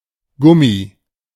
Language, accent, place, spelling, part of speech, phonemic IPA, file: German, Germany, Berlin, Gummi, noun, /ˈɡʊmi/, De-Gummi.ogg
- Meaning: 1. rubber, gum 2. rubber band, elastic band 3. condom, rubber